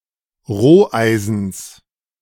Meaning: genitive singular of Roheisen
- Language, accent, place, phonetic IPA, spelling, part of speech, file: German, Germany, Berlin, [ˈʁoːˌʔaɪ̯zn̩s], Roheisens, noun, De-Roheisens.ogg